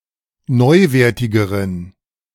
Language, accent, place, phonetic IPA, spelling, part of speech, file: German, Germany, Berlin, [ˈnɔɪ̯ˌveːɐ̯tɪɡəʁən], neuwertigeren, adjective, De-neuwertigeren.ogg
- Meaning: inflection of neuwertig: 1. strong genitive masculine/neuter singular comparative degree 2. weak/mixed genitive/dative all-gender singular comparative degree